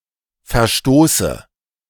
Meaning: inflection of verstoßen: 1. first-person singular present 2. first/third-person singular subjunctive I 3. singular imperative
- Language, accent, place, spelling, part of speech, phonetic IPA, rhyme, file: German, Germany, Berlin, verstoße, verb, [fɛɐ̯ˈʃtoːsə], -oːsə, De-verstoße.ogg